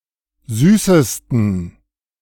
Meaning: 1. superlative degree of süß 2. inflection of süß: strong genitive masculine/neuter singular superlative degree 3. inflection of süß: weak/mixed genitive/dative all-gender singular superlative degree
- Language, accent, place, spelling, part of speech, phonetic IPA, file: German, Germany, Berlin, süßesten, adjective, [ˈzyːsəstn̩], De-süßesten.ogg